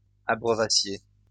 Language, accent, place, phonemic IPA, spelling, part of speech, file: French, France, Lyon, /a.bʁœ.va.sje/, abreuvassiez, verb, LL-Q150 (fra)-abreuvassiez.wav
- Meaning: second-person plural imperfect subjunctive of abreuver